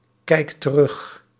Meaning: inflection of terugkijken: 1. second/third-person singular present indicative 2. plural imperative
- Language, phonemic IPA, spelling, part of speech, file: Dutch, /ˈkɛikt t(ə)ˈrʏx/, kijkt terug, verb, Nl-kijkt terug.ogg